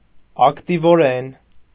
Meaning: actively
- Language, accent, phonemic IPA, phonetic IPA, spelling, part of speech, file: Armenian, Eastern Armenian, /ɑktivoˈɾen/, [ɑktivoɾén], ակտիվորեն, adverb, Hy-ակտիվորեն.ogg